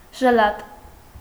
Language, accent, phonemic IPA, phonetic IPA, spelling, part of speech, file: Armenian, Eastern Armenian, /ʒəˈlɑt/, [ʒəlɑ́t], ժլատ, adjective, Hy-ժլատ.ogg
- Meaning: 1. mean, miserly, stingy 2. deprived, lacking, poor 3. weak, dull, dim 4. meagre, paltry, scant 5. temperate, restrained, moderate 6. unfavorable, inauspicious, adverse 7. brief, concise, succinct